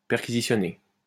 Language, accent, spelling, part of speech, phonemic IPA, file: French, France, perquisitionner, verb, /pɛʁ.ki.zi.sjɔ.ne/, LL-Q150 (fra)-perquisitionner.wav
- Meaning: to carry out a search